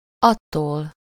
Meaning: ablative singular of az
- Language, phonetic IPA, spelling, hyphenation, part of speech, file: Hungarian, [ˈɒtːoːl], attól, at‧tól, pronoun, Hu-attól.ogg